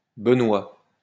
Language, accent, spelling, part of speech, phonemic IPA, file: French, France, benoit, adjective, /bə.nwa/, LL-Q150 (fra)-benoit.wav
- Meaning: alternative form of benoît